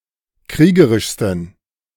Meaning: 1. superlative degree of kriegerisch 2. inflection of kriegerisch: strong genitive masculine/neuter singular superlative degree
- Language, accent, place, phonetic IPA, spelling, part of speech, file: German, Germany, Berlin, [ˈkʁiːɡəʁɪʃstn̩], kriegerischsten, adjective, De-kriegerischsten.ogg